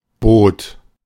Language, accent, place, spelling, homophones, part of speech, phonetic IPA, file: German, Germany, Berlin, bot, Boot, verb, [boːt], De-bot.ogg
- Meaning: first/third-person singular preterite of bieten